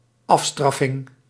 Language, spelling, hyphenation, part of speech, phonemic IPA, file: Dutch, afstraffing, af‧straf‧fing, noun, /ˈɑfˌstrɑ.fɪŋ/, Nl-afstraffing.ogg
- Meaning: 1. a stern, severe punishment, in particular as retribution 2. a castigation (a humiliating or sobering experience) 3. a painful, embarrassing failure or defeat, a beating